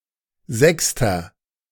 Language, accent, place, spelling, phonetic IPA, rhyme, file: German, Germany, Berlin, sechster, [ˈzɛkstɐ], -ɛkstɐ, De-sechster.ogg
- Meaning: inflection of sechste: 1. strong/mixed nominative masculine singular 2. strong genitive/dative feminine singular 3. strong genitive plural